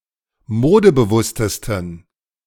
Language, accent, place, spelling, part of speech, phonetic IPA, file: German, Germany, Berlin, modebewusstesten, adjective, [ˈmoːdəbəˌvʊstəstn̩], De-modebewusstesten.ogg
- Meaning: 1. superlative degree of modebewusst 2. inflection of modebewusst: strong genitive masculine/neuter singular superlative degree